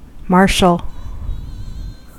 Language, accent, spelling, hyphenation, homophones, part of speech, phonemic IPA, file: English, General American, Martial, Mart‧ial, marshal / martial, proper noun / adjective / noun, /ˈmɑɹʃəl/, En-us-martial.ogg
- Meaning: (proper noun) A male given name from Latin, narrowly applied to certain historic persons (but some of its foreign cognates are modern given names)